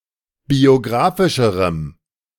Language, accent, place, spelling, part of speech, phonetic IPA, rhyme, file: German, Germany, Berlin, biografischerem, adjective, [bioˈɡʁaːfɪʃəʁəm], -aːfɪʃəʁəm, De-biografischerem.ogg
- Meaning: strong dative masculine/neuter singular comparative degree of biografisch